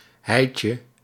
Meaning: a coin with the denomination of 25 guilder cents
- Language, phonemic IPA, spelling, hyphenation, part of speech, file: Dutch, /ˈɦɛi̯tjə/, heitje, heit‧je, noun, Nl-heitje.ogg